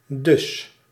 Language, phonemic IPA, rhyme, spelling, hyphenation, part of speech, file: Dutch, /dʏs/, -ʏs, dus, dus, adverb, Nl-dus.ogg
- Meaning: so, therefore, thus, ergo